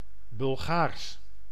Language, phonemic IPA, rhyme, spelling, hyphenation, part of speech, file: Dutch, /bʏlˈɣaːrs/, -aːrs, Bulgaars, Bul‧gaars, adjective / proper noun, Nl-Bulgaars.ogg
- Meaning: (adjective) Bulgarian; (proper noun) Bulgarian (language)